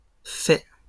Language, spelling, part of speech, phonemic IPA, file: French, faits, noun / verb, /fɛ/, LL-Q150 (fra)-faits.wav
- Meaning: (noun) plural of fait; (verb) masculine plural of fait